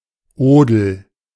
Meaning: liquid manure
- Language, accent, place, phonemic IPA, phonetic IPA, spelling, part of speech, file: German, Germany, Berlin, /ˈoːdəl/, [ˈoːdl̩], Odel, noun, De-Odel.ogg